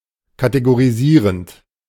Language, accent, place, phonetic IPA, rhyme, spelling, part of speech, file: German, Germany, Berlin, [kateɡoʁiˈziːʁənt], -iːʁənt, kategorisierend, verb, De-kategorisierend.ogg
- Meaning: present participle of kategorisieren